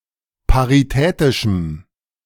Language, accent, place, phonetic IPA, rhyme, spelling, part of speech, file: German, Germany, Berlin, [paʁiˈtɛːtɪʃm̩], -ɛːtɪʃm̩, paritätischem, adjective, De-paritätischem.ogg
- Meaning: strong dative masculine/neuter singular of paritätisch